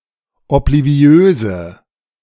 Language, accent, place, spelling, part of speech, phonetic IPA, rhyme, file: German, Germany, Berlin, obliviöse, adjective, [ɔpliˈvi̯øːzə], -øːzə, De-obliviöse.ogg
- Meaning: inflection of obliviös: 1. strong/mixed nominative/accusative feminine singular 2. strong nominative/accusative plural 3. weak nominative all-gender singular